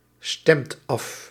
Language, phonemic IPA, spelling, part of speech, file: Dutch, /ˈstɛmt ˈɑf/, stemt af, verb, Nl-stemt af.ogg
- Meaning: inflection of afstemmen: 1. second/third-person singular present indicative 2. plural imperative